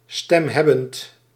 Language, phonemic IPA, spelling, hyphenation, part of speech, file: Dutch, /ˌstɛmˈɦɛ.bənt/, stemhebbend, stem‧heb‧bend, adjective, Nl-stemhebbend.ogg
- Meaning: voiced